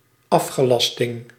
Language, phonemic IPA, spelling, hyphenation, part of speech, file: Dutch, /ˈɑf.xəˌlɑs.tɪŋ/, afgelasting, af‧ge‧las‧ting, noun, Nl-afgelasting.ogg
- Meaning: cancellation